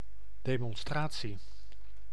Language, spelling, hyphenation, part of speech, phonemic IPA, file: Dutch, demonstratie, de‧mon‧stra‧tie, noun, /ˌdeː.mɔnˈstraː.(t)si/, Nl-demonstratie.ogg
- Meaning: 1. demonstration, demo (showing of something) 2. demonstration, exposition (explaining of something) 3. demonstration (group protest)